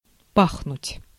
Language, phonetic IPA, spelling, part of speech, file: Russian, [ˈpaxnʊtʲ], пахнуть, verb, Ru-пахнуть.ogg
- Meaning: 1. to smell, to have a smell 2. for there to be a smell 3. to smell, to give off a premonition